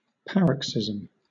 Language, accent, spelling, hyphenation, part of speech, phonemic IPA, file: English, Southern England, paroxysm, par‧ox‧y‧sm, noun, /ˈpæɹəksɪz(ə)m/, LL-Q1860 (eng)-paroxysm.wav
- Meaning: A period (especially one of several recurring periods) during the course of an illness when symptoms worsen; a sudden attack of a disease symptom, such as a bout of coughing or a seizure